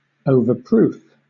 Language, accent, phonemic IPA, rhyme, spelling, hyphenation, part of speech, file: English, Southern England, /(ˌ)əʊvəˈpɹuːf/, -uːf, overproof, over‧proof, adjective / noun / verb, LL-Q1860 (eng)-overproof.wav
- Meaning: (adjective) Possessing a higher proportion of alcohol than proof spirit; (noun) A spirit possessing a higher proportion of alcohol than proof spirit